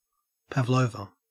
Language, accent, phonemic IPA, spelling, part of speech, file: English, Australia, /pævˈləʉvə/, pavlova, noun, En-au-pavlova.ogg
- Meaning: A meringue dessert usually topped with fruit and cream